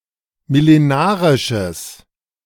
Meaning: strong/mixed nominative/accusative neuter singular of millenarisch
- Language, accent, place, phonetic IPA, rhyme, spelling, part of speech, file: German, Germany, Berlin, [mɪleˈnaːʁɪʃəs], -aːʁɪʃəs, millenarisches, adjective, De-millenarisches.ogg